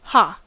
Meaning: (verb) Alternative form of a (“have”); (interjection) 1. A representation of laughter 2. An exclamation of triumph or discovery 3. An exclamation of grief 4. A sound of hesitation: er, um
- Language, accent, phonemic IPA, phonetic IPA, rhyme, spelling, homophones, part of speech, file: English, US, /hɑː/, [ha(ː)], -ɑː, ha, Haa, verb / interjection / noun, En-us-ha.ogg